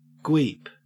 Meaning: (verb) To work on a minicomputer late at night; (noun) A nighttime hacker on early minicomputers
- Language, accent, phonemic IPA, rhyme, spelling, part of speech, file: English, Australia, /ɡwiːp/, -iːp, gweep, verb / noun, En-au-gweep.ogg